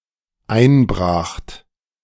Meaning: second-person plural dependent preterite of einbrechen
- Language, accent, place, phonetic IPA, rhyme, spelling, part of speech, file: German, Germany, Berlin, [ˈaɪ̯nˌbʁaːxt], -aɪ̯nbʁaːxt, einbracht, verb, De-einbracht.ogg